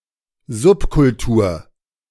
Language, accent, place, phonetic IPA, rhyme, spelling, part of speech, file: German, Germany, Berlin, [ˈzʊpkʊlˌtuːɐ̯], -ʊpkʊltuːɐ̯, Subkultur, noun, De-Subkultur.ogg
- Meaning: subculture